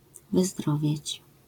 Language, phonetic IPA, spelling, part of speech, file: Polish, [vɨˈzdrɔvʲjɛ̇t͡ɕ], wyzdrowieć, verb, LL-Q809 (pol)-wyzdrowieć.wav